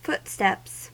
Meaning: plural of footstep
- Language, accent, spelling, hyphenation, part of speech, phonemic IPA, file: English, US, footsteps, foot‧steps, noun, /ˈfʊtstɛps/, En-us-footsteps.ogg